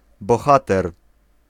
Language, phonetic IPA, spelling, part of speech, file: Polish, [bɔˈxatɛr], bohater, noun, Pl-bohater.ogg